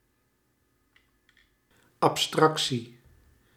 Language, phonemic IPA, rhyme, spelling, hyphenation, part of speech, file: Dutch, /ɑpˈstrɑk.si/, -ɑksi, abstractie, ab‧strac‧tie, noun, Nl-abstractie.ogg
- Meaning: abstraction